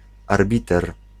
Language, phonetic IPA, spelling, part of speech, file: Polish, [arˈbʲitɛr], arbiter, noun, Pl-arbiter.ogg